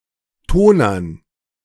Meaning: dative plural of Toner
- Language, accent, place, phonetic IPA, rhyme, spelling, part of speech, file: German, Germany, Berlin, [ˈtoːnɐn], -oːnɐn, Tonern, noun, De-Tonern.ogg